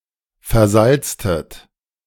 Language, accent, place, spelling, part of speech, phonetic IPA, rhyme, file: German, Germany, Berlin, versalztet, verb, [fɛɐ̯ˈzalt͡stət], -alt͡stət, De-versalztet.ogg
- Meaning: inflection of versalzen: 1. second-person plural preterite 2. second-person plural subjunctive II